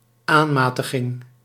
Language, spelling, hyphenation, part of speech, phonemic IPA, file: Dutch, aanmatiging, aan‧ma‧ti‧ging, noun, /ˈaːˌmaːtəɣɪŋ/, Nl-aanmatiging.ogg
- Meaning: arrogance, entitled presumption